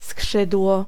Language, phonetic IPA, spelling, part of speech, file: Polish, [ˈskʃɨdwɔ], skrzydło, noun, Pl-skrzydło.ogg